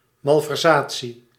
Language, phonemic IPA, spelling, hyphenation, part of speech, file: Dutch, /ˌmɑl.vɛrˈzaː.(t)si/, malversatie, mal‧ver‧sa‧tie, noun, Nl-malversatie.ogg
- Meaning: malversation (corrupt activity, abuse of position)